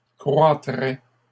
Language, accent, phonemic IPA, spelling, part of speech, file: French, Canada, /kʁwa.tʁɛ/, croîtrais, verb, LL-Q150 (fra)-croîtrais.wav
- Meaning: first/second-person singular conditional of croître